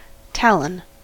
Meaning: 1. A sharp, hooked claw of a bird of prey or other predatory animal 2. One of certain small prominences on the hind part of the face of an elephant's tooth
- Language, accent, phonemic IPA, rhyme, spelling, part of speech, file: English, US, /ˈtælən/, -ælən, talon, noun, En-us-talon.ogg